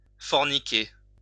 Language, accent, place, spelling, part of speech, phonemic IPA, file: French, France, Lyon, forniquer, verb, /fɔʁ.ni.ke/, LL-Q150 (fra)-forniquer.wav
- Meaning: to fornicate